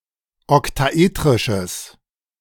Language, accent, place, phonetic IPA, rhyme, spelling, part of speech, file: German, Germany, Berlin, [ɔktaˈʔeːtʁɪʃəs], -eːtʁɪʃəs, oktaetrisches, adjective, De-oktaetrisches.ogg
- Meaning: strong/mixed nominative/accusative neuter singular of oktaetrisch